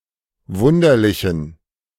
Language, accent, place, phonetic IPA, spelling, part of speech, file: German, Germany, Berlin, [ˈvʊndɐlɪçn̩], wunderlichen, adjective, De-wunderlichen.ogg
- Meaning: inflection of wunderlich: 1. strong genitive masculine/neuter singular 2. weak/mixed genitive/dative all-gender singular 3. strong/weak/mixed accusative masculine singular 4. strong dative plural